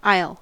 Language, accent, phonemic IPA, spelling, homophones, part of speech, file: English, US, /aɪ̯l/, aisle, I'll / isle, noun, En-us-aisle.ogg
- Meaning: 1. A wing of a building, notably in a church separated from the nave proper by piers 2. A clear path/passage through rows of seating